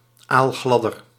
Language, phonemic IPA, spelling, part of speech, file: Dutch, /alˈɣlɑdər/, aalgladder, adjective, Nl-aalgladder.ogg
- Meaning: comparative degree of aalglad